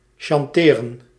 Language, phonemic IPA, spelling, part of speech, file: Dutch, /ʃɑnˈteːrə(n)/, chanteren, verb, Nl-chanteren.ogg
- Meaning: to extort money, to blackmail